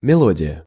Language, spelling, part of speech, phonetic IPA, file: Russian, мелодия, noun, [mʲɪˈɫodʲɪjə], Ru-мелодия.ogg
- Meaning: tune, melody